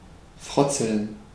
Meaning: to tease, to scoff
- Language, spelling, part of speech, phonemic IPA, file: German, frotzeln, verb, /ˈfʁɔt͡sl̩n/, De-frotzeln.ogg